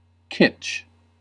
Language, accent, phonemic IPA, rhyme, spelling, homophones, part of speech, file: English, US, /kɪt͡ʃ/, -ɪtʃ, kitsch, Kizh, noun / adjective, En-us-kitsch.ogg
- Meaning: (noun) Art, decorative objects, and other forms of representation of questionable artistic or aesthetic value; a representation that is excessively sentimental, overdone, or vulgar